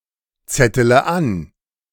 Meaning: inflection of anzetteln: 1. first-person singular present 2. first-person plural subjunctive I 3. third-person singular subjunctive I 4. singular imperative
- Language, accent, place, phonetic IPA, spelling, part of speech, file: German, Germany, Berlin, [ˌt͡sɛtələ ˈan], zettele an, verb, De-zettele an.ogg